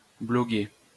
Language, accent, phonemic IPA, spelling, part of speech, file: French, France, /blɔ.ɡe/, bloguer, verb, LL-Q150 (fra)-bloguer.wav
- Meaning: to blog